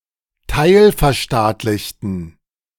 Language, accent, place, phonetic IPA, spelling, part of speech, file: German, Germany, Berlin, [ˈtaɪ̯lfɛɐ̯ˌʃtaːtlɪçtn̩], teilverstaatlichten, adjective, De-teilverstaatlichten.ogg
- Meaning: inflection of teilverstaatlicht: 1. strong genitive masculine/neuter singular 2. weak/mixed genitive/dative all-gender singular 3. strong/weak/mixed accusative masculine singular